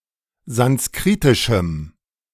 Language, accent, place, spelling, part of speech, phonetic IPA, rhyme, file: German, Germany, Berlin, sanskritischem, adjective, [zansˈkʁiːtɪʃm̩], -iːtɪʃm̩, De-sanskritischem.ogg
- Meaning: strong dative masculine/neuter singular of sanskritisch